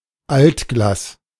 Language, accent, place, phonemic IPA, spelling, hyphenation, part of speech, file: German, Germany, Berlin, /ˈaltˌɡlaːs/, Altglas, Alt‧glas, noun, De-Altglas.ogg
- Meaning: waste glass